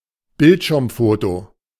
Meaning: screenshot
- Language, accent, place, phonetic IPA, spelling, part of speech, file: German, Germany, Berlin, [ˈbɪltʃɪʁmˌfoːto], Bildschirmfoto, noun, De-Bildschirmfoto.ogg